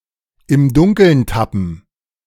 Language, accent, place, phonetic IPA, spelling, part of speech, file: German, Germany, Berlin, [ɪm ˈdʊŋkl̩n ˈtapn̩], im Dunkeln tappen, verb, De-im Dunkeln tappen.ogg
- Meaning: to be in the dark